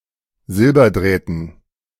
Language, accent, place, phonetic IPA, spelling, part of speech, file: German, Germany, Berlin, [ˈzɪlbɐˌdʁɛːtn̩], Silberdrähten, noun, De-Silberdrähten.ogg
- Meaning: dative plural of Silberdraht